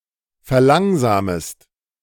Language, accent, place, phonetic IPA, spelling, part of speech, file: German, Germany, Berlin, [fɛɐ̯ˈlaŋzaːməst], verlangsamest, verb, De-verlangsamest.ogg
- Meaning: second-person singular subjunctive I of verlangsamen